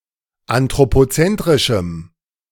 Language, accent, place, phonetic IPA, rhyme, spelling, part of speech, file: German, Germany, Berlin, [antʁopoˈt͡sɛntʁɪʃm̩], -ɛntʁɪʃm̩, anthropozentrischem, adjective, De-anthropozentrischem.ogg
- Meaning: strong dative masculine/neuter singular of anthropozentrisch